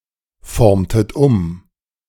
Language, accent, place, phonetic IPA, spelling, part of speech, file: German, Germany, Berlin, [ˌfɔʁmtət ˈʊm], formtet um, verb, De-formtet um.ogg
- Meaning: inflection of umformen: 1. second-person plural preterite 2. second-person plural subjunctive II